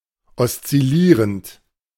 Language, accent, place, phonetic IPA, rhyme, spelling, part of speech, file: German, Germany, Berlin, [ɔst͡sɪˈliːʁənt], -iːʁənt, oszillierend, adjective / verb, De-oszillierend.ogg
- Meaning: present participle of oszillieren